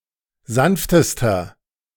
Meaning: inflection of sanft: 1. strong/mixed nominative masculine singular superlative degree 2. strong genitive/dative feminine singular superlative degree 3. strong genitive plural superlative degree
- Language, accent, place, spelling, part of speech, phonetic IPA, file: German, Germany, Berlin, sanftester, adjective, [ˈzanftəstɐ], De-sanftester.ogg